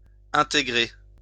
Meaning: 1. to integrate, to incorporate 2. to join, to join in (a group, a band) 3. to fit in 4. to integrate
- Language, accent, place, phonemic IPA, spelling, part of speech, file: French, France, Lyon, /ɛ̃.te.ɡʁe/, intégrer, verb, LL-Q150 (fra)-intégrer.wav